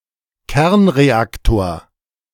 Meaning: nuclear reactor
- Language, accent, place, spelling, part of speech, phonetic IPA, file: German, Germany, Berlin, Kernreaktor, noun, [ˈkɛʁnʁeˌaktoːɐ̯], De-Kernreaktor.ogg